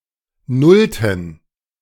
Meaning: inflection of nullte: 1. strong genitive masculine/neuter singular 2. weak/mixed genitive/dative all-gender singular 3. strong/weak/mixed accusative masculine singular 4. strong dative plural
- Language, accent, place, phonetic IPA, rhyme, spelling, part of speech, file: German, Germany, Berlin, [ˈnʊltn̩], -ʊltn̩, nullten, verb, De-nullten.ogg